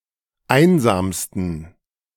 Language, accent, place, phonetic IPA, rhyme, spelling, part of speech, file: German, Germany, Berlin, [ˈaɪ̯nzaːmstn̩], -aɪ̯nzaːmstn̩, einsamsten, adjective, De-einsamsten.ogg
- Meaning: 1. superlative degree of einsam 2. inflection of einsam: strong genitive masculine/neuter singular superlative degree